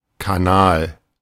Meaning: 1. canal (man-made watercourse) 2. something that resembles such a watercourse, e.g. a vessel in the body 3. channel (networks through which pass information, influence, etc.) 4. channel
- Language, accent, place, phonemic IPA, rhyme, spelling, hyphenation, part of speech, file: German, Germany, Berlin, /kaˈnaːl/, -aːl, Kanal, Ka‧nal, noun, De-Kanal.ogg